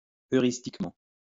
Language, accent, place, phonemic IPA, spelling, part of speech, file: French, France, Lyon, /œ.ʁis.tik.mɑ̃/, heuristiquement, adverb, LL-Q150 (fra)-heuristiquement.wav
- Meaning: heuristically